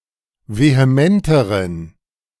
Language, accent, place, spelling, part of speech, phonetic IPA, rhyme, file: German, Germany, Berlin, vehementeren, adjective, [veheˈmɛntəʁən], -ɛntəʁən, De-vehementeren.ogg
- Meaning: inflection of vehement: 1. strong genitive masculine/neuter singular comparative degree 2. weak/mixed genitive/dative all-gender singular comparative degree